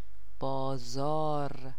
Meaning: 1. market 2. marketplace 3. bazaar
- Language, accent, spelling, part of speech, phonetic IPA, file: Persian, Iran, بازار, noun, [bɒː.zɒ́ːɹ], Fa-بازار.ogg